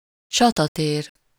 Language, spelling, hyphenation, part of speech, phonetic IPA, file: Hungarian, csatatér, csa‧ta‧tér, noun, [ˈt͡ʃɒtɒteːr], Hu-csatatér.ogg
- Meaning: 1. battlefield, battleground 2. mess (a place or room left in complete disorder) 3. battleground (a subject of dispute or contention)